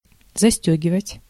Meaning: to buckle up, to zip up, to button up, to fasten
- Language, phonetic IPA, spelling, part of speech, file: Russian, [zɐˈsʲtʲɵɡʲɪvətʲ], застёгивать, verb, Ru-застёгивать.ogg